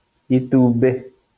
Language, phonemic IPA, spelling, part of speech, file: Kikuyu, /ì.tù.ᵐbé/, itumbĩ, noun, LL-Q33587 (kik)-itumbĩ.wav
- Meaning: egg